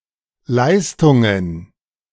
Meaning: plural of Leistung
- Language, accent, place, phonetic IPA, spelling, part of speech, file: German, Germany, Berlin, [ˈlaɪ̯stʊŋən], Leistungen, noun, De-Leistungen.ogg